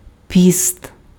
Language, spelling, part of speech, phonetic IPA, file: Ukrainian, піст, noun, [pʲist], Uk-піст.ogg
- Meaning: fast (period of restricted eating)